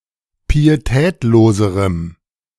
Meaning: strong dative masculine/neuter singular comparative degree of pietätlos
- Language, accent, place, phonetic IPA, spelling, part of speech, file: German, Germany, Berlin, [piːeˈtɛːtloːzəʁəm], pietätloserem, adjective, De-pietätloserem.ogg